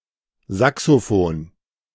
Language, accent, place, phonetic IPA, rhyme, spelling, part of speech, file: German, Germany, Berlin, [ˌzaksoˈfoːn], -oːn, Saxofon, noun, De-Saxofon.ogg
- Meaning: alternative spelling of Saxophon